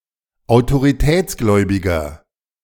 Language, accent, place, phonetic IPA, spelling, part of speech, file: German, Germany, Berlin, [aʊ̯toʁiˈtɛːt͡sˌɡlɔɪ̯bɪɡɐ], autoritätsgläubiger, adjective, De-autoritätsgläubiger.ogg
- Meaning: 1. comparative degree of autoritätsgläubig 2. inflection of autoritätsgläubig: strong/mixed nominative masculine singular 3. inflection of autoritätsgläubig: strong genitive/dative feminine singular